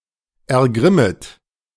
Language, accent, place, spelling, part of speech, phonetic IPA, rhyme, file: German, Germany, Berlin, ergrimmet, verb, [ɛɐ̯ˈɡʁɪmət], -ɪmət, De-ergrimmet.ogg
- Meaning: second-person plural subjunctive I of ergrimmen